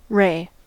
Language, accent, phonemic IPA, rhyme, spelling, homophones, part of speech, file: English, General American, /ɹeɪ/, -eɪ, ray, Ray / Wray / Rae / Re / re, noun / verb, En-us-ray.ogg
- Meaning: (noun) 1. A beam of light or radiation 2. A rib-like reinforcement of bone or cartilage in a fish's fin 3. One of the spheromeres of a radiate, especially one of the arms of a starfish or an ophiuran